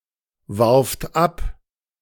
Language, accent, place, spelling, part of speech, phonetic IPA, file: German, Germany, Berlin, warft ab, verb, [ˌvaʁft ˈap], De-warft ab.ogg
- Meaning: second-person plural preterite of abwerfen